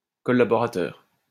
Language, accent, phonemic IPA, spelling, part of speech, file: French, France, /kɔ.la.bɔ.ʁa.tœʁ/, collaborateur, noun, LL-Q150 (fra)-collaborateur.wav
- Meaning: 1. collaborator 2. one who collaborates or has collaborated with the Nazis, fascists or another enemy; traitorous collaborator